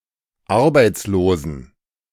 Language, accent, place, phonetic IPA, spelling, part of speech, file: German, Germany, Berlin, [ˈaʁbaɪ̯t͡sloːzn̩], arbeitslosen, adjective, De-arbeitslosen.ogg
- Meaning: inflection of arbeitslos: 1. strong genitive masculine/neuter singular 2. weak/mixed genitive/dative all-gender singular 3. strong/weak/mixed accusative masculine singular 4. strong dative plural